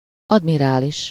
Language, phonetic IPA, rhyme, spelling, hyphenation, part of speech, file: Hungarian, [ˈɒdmiraːliʃ], -iʃ, admirális, ad‧mi‧rá‧lis, noun, Hu-admirális.ogg
- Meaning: admiral